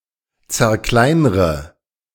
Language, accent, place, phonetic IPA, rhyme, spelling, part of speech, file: German, Germany, Berlin, [t͡sɛɐ̯ˈklaɪ̯nʁə], -aɪ̯nʁə, zerkleinre, verb, De-zerkleinre.ogg
- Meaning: inflection of zerkleinern: 1. first-person singular present 2. first/third-person singular subjunctive I 3. singular imperative